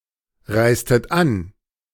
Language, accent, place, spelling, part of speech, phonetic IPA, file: German, Germany, Berlin, reistet an, verb, [ˌʁaɪ̯stət ˈan], De-reistet an.ogg
- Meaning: inflection of anreisen: 1. second-person plural preterite 2. second-person plural subjunctive II